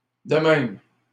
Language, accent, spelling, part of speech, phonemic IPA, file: French, Canada, de même, adverb, /də mɛm/, LL-Q150 (fra)-de même.wav
- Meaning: 1. likewise 2. thus, that way